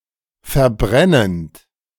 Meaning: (verb) present participle of verbrennen; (adjective) burning, scorching
- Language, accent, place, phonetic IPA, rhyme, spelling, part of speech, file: German, Germany, Berlin, [fɛɐ̯ˈbʁɛnənt], -ɛnənt, verbrennend, verb, De-verbrennend.ogg